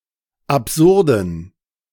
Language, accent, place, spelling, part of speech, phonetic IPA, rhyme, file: German, Germany, Berlin, absurden, adjective, [apˈzʊʁdn̩], -ʊʁdn̩, De-absurden.ogg
- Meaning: inflection of absurd: 1. strong genitive masculine/neuter singular 2. weak/mixed genitive/dative all-gender singular 3. strong/weak/mixed accusative masculine singular 4. strong dative plural